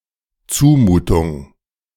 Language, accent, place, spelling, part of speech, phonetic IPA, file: German, Germany, Berlin, Zumutung, noun, [ˈt͡suːˌmuːtʊŋ], De-Zumutung.ogg
- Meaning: imposition, impertinence